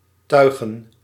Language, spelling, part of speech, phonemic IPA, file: Dutch, tuigen, verb / noun, /ˈtœy̯ɣə(n)/, Nl-tuigen.ogg
- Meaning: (verb) 1. to rig (a sailing ship) 2. to harness, to put a harness on 3. to declare officially, to testify; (noun) plural of tuig